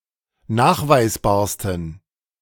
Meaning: 1. superlative degree of nachweisbar 2. inflection of nachweisbar: strong genitive masculine/neuter singular superlative degree
- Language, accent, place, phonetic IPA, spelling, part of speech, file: German, Germany, Berlin, [ˈnaːxvaɪ̯sˌbaːɐ̯stn̩], nachweisbarsten, adjective, De-nachweisbarsten.ogg